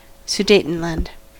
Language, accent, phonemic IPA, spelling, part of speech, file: English, US, /suˈdeɪ̯tənˌlænd/, Sudetenland, proper noun, En-us-Sudetenland.ogg
- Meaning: The northern, southern, and western border areas of former Czechoslovakia, which (until 1945) were inhabited mainly by German-speakers